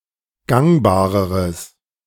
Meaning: strong/mixed nominative/accusative neuter singular comparative degree of gangbar
- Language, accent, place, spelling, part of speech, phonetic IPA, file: German, Germany, Berlin, gangbareres, adjective, [ˈɡaŋbaːʁəʁəs], De-gangbareres.ogg